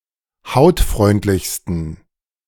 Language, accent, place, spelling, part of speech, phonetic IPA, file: German, Germany, Berlin, hautfreundlichsten, adjective, [ˈhaʊ̯tˌfʁɔɪ̯ntlɪçstn̩], De-hautfreundlichsten.ogg
- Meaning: 1. superlative degree of hautfreundlich 2. inflection of hautfreundlich: strong genitive masculine/neuter singular superlative degree